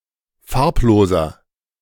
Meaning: inflection of farblos: 1. strong/mixed nominative masculine singular 2. strong genitive/dative feminine singular 3. strong genitive plural
- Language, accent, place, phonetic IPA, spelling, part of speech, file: German, Germany, Berlin, [ˈfaʁpˌloːzɐ], farbloser, adjective, De-farbloser.ogg